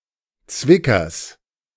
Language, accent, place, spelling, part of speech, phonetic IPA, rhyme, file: German, Germany, Berlin, Zwickers, noun, [ˈt͡svɪkɐs], -ɪkɐs, De-Zwickers.ogg
- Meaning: genitive of Zwicker